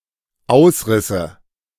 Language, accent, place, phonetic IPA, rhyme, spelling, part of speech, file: German, Germany, Berlin, [ˈaʊ̯sˌʁɪsə], -aʊ̯sʁɪsə, ausrisse, verb, De-ausrisse.ogg
- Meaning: first/third-person singular dependent subjunctive II of ausreißen